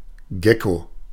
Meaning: gecko
- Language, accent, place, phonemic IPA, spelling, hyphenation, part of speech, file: German, Germany, Berlin, /ˈɡɛko/, Gecko, Ge‧cko, noun, De-Gecko.ogg